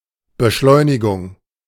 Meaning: acceleration
- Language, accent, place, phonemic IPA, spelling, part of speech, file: German, Germany, Berlin, /bəˈʃlɔɪ̯nɪˌɡʊŋ/, Beschleunigung, noun, De-Beschleunigung.ogg